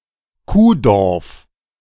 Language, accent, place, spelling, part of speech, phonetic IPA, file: German, Germany, Berlin, Kuhdorf, noun, [ˈkuːˌdɔʁf], De-Kuhdorf.ogg
- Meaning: a very small, remote town; a one-horse town